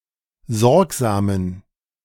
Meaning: inflection of sorgsam: 1. strong genitive masculine/neuter singular 2. weak/mixed genitive/dative all-gender singular 3. strong/weak/mixed accusative masculine singular 4. strong dative plural
- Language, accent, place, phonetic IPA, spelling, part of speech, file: German, Germany, Berlin, [ˈzɔʁkzaːmən], sorgsamen, adjective, De-sorgsamen.ogg